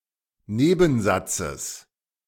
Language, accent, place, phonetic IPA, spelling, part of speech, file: German, Germany, Berlin, [ˈneːbn̩ˌzat͡səs], Nebensatzes, noun, De-Nebensatzes.ogg
- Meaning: genitive singular of Nebensatz